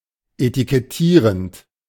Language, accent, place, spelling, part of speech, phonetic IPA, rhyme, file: German, Germany, Berlin, etikettierend, verb, [etikɛˈtiːʁənt], -iːʁənt, De-etikettierend.ogg
- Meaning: present participle of etikettieren